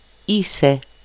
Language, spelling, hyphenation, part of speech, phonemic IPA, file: Greek, είσαι, εί‧σαι, verb, /ˈise/, El-είσαι.ogg
- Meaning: second-person singular present of είμαι (eímai): "you are"